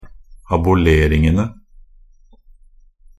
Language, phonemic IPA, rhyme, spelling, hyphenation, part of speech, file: Norwegian Bokmål, /abʊˈleːrɪŋənə/, -ənə, aboleringene, a‧bo‧ler‧ing‧en‧e, noun, Nb-aboleringene.ogg
- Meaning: definite plural of abolering